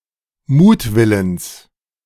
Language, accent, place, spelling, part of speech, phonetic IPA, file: German, Germany, Berlin, Mutwillens, noun, [ˈmuːtˌvɪləns], De-Mutwillens.ogg
- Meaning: genitive singular of Mutwille